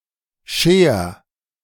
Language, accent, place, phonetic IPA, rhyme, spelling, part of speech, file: German, Germany, Berlin, [ʃeːɐ̯], -eːɐ̯, scher, verb, De-scher.ogg
- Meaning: singular imperative of scheren